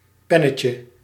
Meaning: diminutive of pen
- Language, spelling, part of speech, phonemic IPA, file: Dutch, pennetje, noun, /ˈpɛnəcjə/, Nl-pennetje.ogg